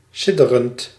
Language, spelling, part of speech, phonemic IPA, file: Dutch, sidderend, verb / adjective, /ˈsɪdərənt/, Nl-sidderend.ogg
- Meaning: present participle of sidderen